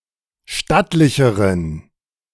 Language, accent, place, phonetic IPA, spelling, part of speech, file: German, Germany, Berlin, [ˈʃtatlɪçəʁən], stattlicheren, adjective, De-stattlicheren.ogg
- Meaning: inflection of stattlich: 1. strong genitive masculine/neuter singular comparative degree 2. weak/mixed genitive/dative all-gender singular comparative degree